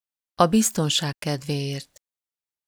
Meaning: to be on the safe side
- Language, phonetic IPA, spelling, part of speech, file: Hungarian, [ɒ ˈbistonʃaːk ˈkɛdveːjeːrt], a biztonság kedvéért, phrase, Hu-a biztonság kedvéért.ogg